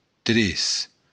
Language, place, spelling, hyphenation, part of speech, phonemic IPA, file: Occitan, Béarn, tres, tres, numeral, /ˈtɾes/, LL-Q14185 (oci)-tres.wav
- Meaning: three